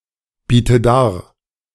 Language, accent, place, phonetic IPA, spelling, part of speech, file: German, Germany, Berlin, [ˌbiːtə ˈdaːɐ̯], biete dar, verb, De-biete dar.ogg
- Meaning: inflection of darbieten: 1. first-person singular present 2. first/third-person singular subjunctive I 3. singular imperative